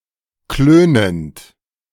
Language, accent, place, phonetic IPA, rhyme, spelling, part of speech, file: German, Germany, Berlin, [ˈkløːnənt], -øːnənt, klönend, verb, De-klönend.ogg
- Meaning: present participle of klönen